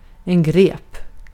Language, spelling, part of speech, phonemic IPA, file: Swedish, grep, noun / verb, /ɡreːp/, Sv-grep.ogg
- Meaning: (noun) garden fork, graip – a tool, resembling a pitchfork but where both handle and prongs are shorter and sturdier, and which is used more for digging than lifting; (verb) past indicative of gripa